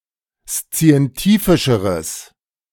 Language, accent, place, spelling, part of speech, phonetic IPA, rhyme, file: German, Germany, Berlin, szientifischeres, adjective, [st͡si̯ɛnˈtiːfɪʃəʁəs], -iːfɪʃəʁəs, De-szientifischeres.ogg
- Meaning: strong/mixed nominative/accusative neuter singular comparative degree of szientifisch